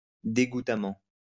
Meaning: disgustingly
- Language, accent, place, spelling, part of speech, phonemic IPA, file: French, France, Lyon, dégoûtamment, adverb, /de.ɡu.ta.mɑ̃/, LL-Q150 (fra)-dégoûtamment.wav